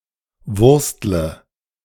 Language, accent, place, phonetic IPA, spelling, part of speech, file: German, Germany, Berlin, [ˈvʊʁstlə], wurstle, verb, De-wurstle.ogg
- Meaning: inflection of wursteln: 1. first-person singular present 2. first/third-person singular subjunctive I 3. singular imperative